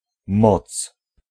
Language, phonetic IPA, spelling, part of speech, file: Polish, [mɔt͡s], moc, noun, Pl-moc.ogg